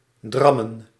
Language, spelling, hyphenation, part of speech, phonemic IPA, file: Dutch, drammen, dram‧men, verb, /ˈdrɑmə(n)/, Nl-drammen.ogg
- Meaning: 1. to nag incessantly 2. to outstay one's welcome